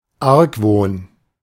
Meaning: 1. suspicion 2. distrust
- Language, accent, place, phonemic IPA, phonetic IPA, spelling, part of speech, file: German, Germany, Berlin, /ˈaʁkˌvoːn/, [ˈʔaʁkvoːn], Argwohn, noun, De-Argwohn.ogg